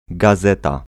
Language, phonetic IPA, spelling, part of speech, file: Polish, [ɡaˈzɛta], gazeta, noun, Pl-gazeta.ogg